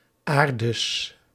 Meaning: plural of aarde
- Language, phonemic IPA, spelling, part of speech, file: Dutch, /ˈaːr.dəs/, aardes, noun, Nl-aardes.ogg